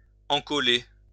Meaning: to glue
- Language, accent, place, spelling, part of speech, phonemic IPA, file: French, France, Lyon, encoller, verb, /ɑ̃.kɔ.le/, LL-Q150 (fra)-encoller.wav